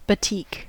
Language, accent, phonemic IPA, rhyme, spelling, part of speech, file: English, US, /bəˈtiːk/, -iːk, batik, noun / verb, En-us-batik.ogg
- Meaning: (noun) A wax-resist method of dyeing fabric; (verb) To dye fabric using the wax-resist method